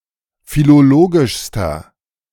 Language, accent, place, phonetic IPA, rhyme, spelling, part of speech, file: German, Germany, Berlin, [filoˈloːɡɪʃstɐ], -oːɡɪʃstɐ, philologischster, adjective, De-philologischster.ogg
- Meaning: inflection of philologisch: 1. strong/mixed nominative masculine singular superlative degree 2. strong genitive/dative feminine singular superlative degree 3. strong genitive plural superlative degree